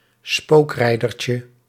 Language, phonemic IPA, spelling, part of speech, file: Dutch, /ˈspokrɛidərcə/, spookrijdertje, noun, Nl-spookrijdertje.ogg
- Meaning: diminutive of spookrijder